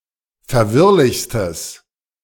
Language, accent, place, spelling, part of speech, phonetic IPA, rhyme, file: German, Germany, Berlin, verwirrlichstes, adjective, [fɛɐ̯ˈvɪʁlɪçstəs], -ɪʁlɪçstəs, De-verwirrlichstes.ogg
- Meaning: strong/mixed nominative/accusative neuter singular superlative degree of verwirrlich